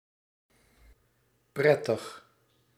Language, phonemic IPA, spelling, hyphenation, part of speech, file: Dutch, /ˈprɛtəx/, prettig, pret‧tig, adjective, Nl-prettig.ogg
- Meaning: merry, enjoyable